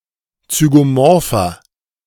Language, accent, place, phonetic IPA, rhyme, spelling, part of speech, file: German, Germany, Berlin, [t͡syɡoˈmɔʁfɐ], -ɔʁfɐ, zygomorpher, adjective, De-zygomorpher.ogg
- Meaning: inflection of zygomorph: 1. strong/mixed nominative masculine singular 2. strong genitive/dative feminine singular 3. strong genitive plural